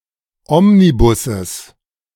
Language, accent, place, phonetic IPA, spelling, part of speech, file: German, Germany, Berlin, [ˈɔmniˌbʊsəs], Omnibusses, noun, De-Omnibusses.ogg
- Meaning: genitive singular of Omnibus